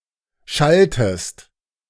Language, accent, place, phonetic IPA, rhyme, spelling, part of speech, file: German, Germany, Berlin, [ˈʃaltəst], -altəst, schalltest, verb, De-schalltest.ogg
- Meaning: inflection of schallen: 1. second-person singular preterite 2. second-person singular subjunctive II